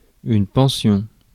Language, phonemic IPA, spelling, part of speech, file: French, /pɑ̃.sjɔ̃/, pension, noun, Fr-pension.ogg
- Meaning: 1. a pension, regularly received payment 2. a pension, boarding house 3. a regularly made payment, as admission to certain boarding establishments (notably schools)